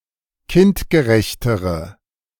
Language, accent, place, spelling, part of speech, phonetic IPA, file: German, Germany, Berlin, kindgerechtere, adjective, [ˈkɪntɡəˌʁɛçtəʁə], De-kindgerechtere.ogg
- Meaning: inflection of kindgerecht: 1. strong/mixed nominative/accusative feminine singular comparative degree 2. strong nominative/accusative plural comparative degree